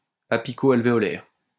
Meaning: apicoalveolar
- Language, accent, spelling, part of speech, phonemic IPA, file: French, France, apicoalvéolaire, adjective, /a.pi.ko.al.ve.ɔ.lɛʁ/, LL-Q150 (fra)-apicoalvéolaire.wav